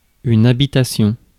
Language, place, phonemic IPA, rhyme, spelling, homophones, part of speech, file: French, Paris, /a.bi.ta.sjɔ̃/, -ɔ̃, habitation, habitations, noun, Fr-habitation.ogg
- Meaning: 1. dwelling (a place or house in which a person lives) 2. inhabitation (act of inhabiting) 3. farm, plantation, ranch